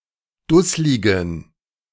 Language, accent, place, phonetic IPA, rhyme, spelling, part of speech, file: German, Germany, Berlin, [ˈdʊslɪɡn̩], -ʊslɪɡn̩, dussligen, adjective, De-dussligen.ogg
- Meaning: inflection of dusslig: 1. strong genitive masculine/neuter singular 2. weak/mixed genitive/dative all-gender singular 3. strong/weak/mixed accusative masculine singular 4. strong dative plural